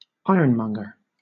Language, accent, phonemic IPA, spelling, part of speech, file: English, Southern England, /ˈaɪə(ɹ)nˌmʌŋɡə(ɹ)/, ironmonger, noun, LL-Q1860 (eng)-ironmonger.wav
- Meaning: 1. A retailer of hardware, tools, and household goods 2. A retailer of hardware, tools, and household goods.: (archaic, originally) A retailer of ironwares